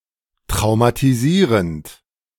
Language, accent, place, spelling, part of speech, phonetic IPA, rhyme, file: German, Germany, Berlin, traumatisierend, verb, [tʁaʊ̯matiˈziːʁənt], -iːʁənt, De-traumatisierend.ogg
- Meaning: present participle of traumatisieren